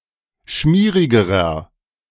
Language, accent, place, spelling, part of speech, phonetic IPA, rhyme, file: German, Germany, Berlin, schmierigerer, adjective, [ˈʃmiːʁɪɡəʁɐ], -iːʁɪɡəʁɐ, De-schmierigerer.ogg
- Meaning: inflection of schmierig: 1. strong/mixed nominative masculine singular comparative degree 2. strong genitive/dative feminine singular comparative degree 3. strong genitive plural comparative degree